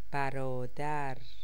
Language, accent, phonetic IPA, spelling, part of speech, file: Persian, Iran, [bæ.ɹɒː.d̪ǽɹ], برادر, noun, Fa-برادر.ogg
- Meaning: 1. brother 2. comrade 3. dude (term of address for man)